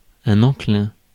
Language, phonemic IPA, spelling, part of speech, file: French, /ɑ̃.klɛ̃/, enclin, adjective, Fr-enclin.ogg
- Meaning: inclined, prone (with à - to)